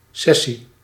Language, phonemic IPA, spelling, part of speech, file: Dutch, /ˈsɛsi/, sessie, noun, Nl-sessie.ogg
- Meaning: session